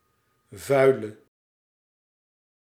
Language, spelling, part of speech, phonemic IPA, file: Dutch, vuile, adjective, /vœy̯lə/, Nl-vuile.ogg
- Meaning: inflection of vuil: 1. masculine/feminine singular attributive 2. definite neuter singular attributive 3. plural attributive